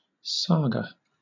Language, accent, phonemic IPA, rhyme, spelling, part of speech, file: English, Southern England, /ˈsɑːɡə/, -ɑːɡə, saga, noun, LL-Q1860 (eng)-saga.wav
- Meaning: 1. An Old Norse (Icelandic) prose narrative, especially one dealing with family or social histories and legends 2. Something with the qualities of such a saga; an epic, a long story